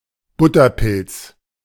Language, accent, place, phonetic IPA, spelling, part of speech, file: German, Germany, Berlin, [ˈbʊtɐˌpɪlt͡s], Butterpilz, noun, De-Butterpilz.ogg
- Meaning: slippery jack (a species of mushroom, Suillus luteus)